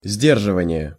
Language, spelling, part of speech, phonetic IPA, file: Russian, сдерживание, noun, [ˈzʲdʲerʐɨvənʲɪje], Ru-сдерживание.ogg
- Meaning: deterrence